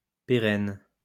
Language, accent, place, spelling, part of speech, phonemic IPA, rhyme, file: French, France, Lyon, pérenne, adjective, /pe.ʁɛn/, -ɛn, LL-Q150 (fra)-pérenne.wav
- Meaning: 1. perennial 2. long-lasting